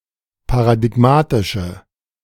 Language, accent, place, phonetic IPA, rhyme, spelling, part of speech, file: German, Germany, Berlin, [paʁadɪˈɡmaːtɪʃə], -aːtɪʃə, paradigmatische, adjective, De-paradigmatische.ogg
- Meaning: inflection of paradigmatisch: 1. strong/mixed nominative/accusative feminine singular 2. strong nominative/accusative plural 3. weak nominative all-gender singular